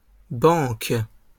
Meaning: plural of banque
- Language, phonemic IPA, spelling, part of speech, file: French, /bɑ̃k/, banques, noun, LL-Q150 (fra)-banques.wav